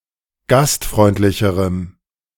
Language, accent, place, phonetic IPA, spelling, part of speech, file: German, Germany, Berlin, [ˈɡastˌfʁɔɪ̯ntlɪçəʁəm], gastfreundlicherem, adjective, De-gastfreundlicherem.ogg
- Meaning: strong dative masculine/neuter singular comparative degree of gastfreundlich